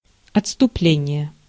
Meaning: 1. retreat; backoff 2. deviation, departure, digression
- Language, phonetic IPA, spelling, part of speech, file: Russian, [ɐt͡sstʊˈplʲenʲɪje], отступление, noun, Ru-отступление.ogg